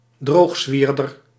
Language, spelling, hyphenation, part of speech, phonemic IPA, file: Dutch, droogzwierder, droog‧zwier‧der, noun, /ˈdroːxˌsʋiːr.dər/, Nl-droogzwierder.ogg
- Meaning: domestic centrifuge (appliance for drying objects by means of a centrifugal force)